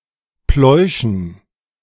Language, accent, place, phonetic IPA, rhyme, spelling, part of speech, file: German, Germany, Berlin, [ˈplɔɪ̯ʃn̩], -ɔɪ̯ʃn̩, Pläuschen, noun, De-Pläuschen.ogg
- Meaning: dative plural of Plausch